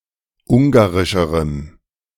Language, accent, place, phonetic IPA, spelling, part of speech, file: German, Germany, Berlin, [ˈʊŋɡaʁɪʃəʁəm], ungarischerem, adjective, De-ungarischerem.ogg
- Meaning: strong dative masculine/neuter singular comparative degree of ungarisch